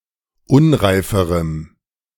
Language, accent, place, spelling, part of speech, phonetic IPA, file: German, Germany, Berlin, unreiferem, adjective, [ˈʊnʁaɪ̯fəʁəm], De-unreiferem.ogg
- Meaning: strong dative masculine/neuter singular comparative degree of unreif